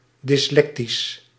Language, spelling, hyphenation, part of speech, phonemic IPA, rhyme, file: Dutch, dyslectisch, dys‧lec‧tisch, adjective, /ˌdɪsˈlɛk.tis/, -ɛktis, Nl-dyslectisch.ogg
- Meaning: dyslectic